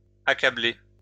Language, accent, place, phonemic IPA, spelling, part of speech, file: French, France, Lyon, /a.ka.ble/, accablés, verb, LL-Q150 (fra)-accablés.wav
- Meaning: masculine plural of accablé